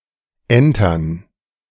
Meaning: to board (an enemy ship)
- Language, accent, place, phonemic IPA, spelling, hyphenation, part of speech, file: German, Germany, Berlin, /ˈɛntɐn/, entern, en‧tern, verb, De-entern.ogg